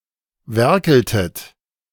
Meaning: inflection of werkeln: 1. second-person plural preterite 2. second-person plural subjunctive II
- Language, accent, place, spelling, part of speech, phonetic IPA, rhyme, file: German, Germany, Berlin, werkeltet, verb, [ˈvɛʁkl̩tət], -ɛʁkl̩tət, De-werkeltet.ogg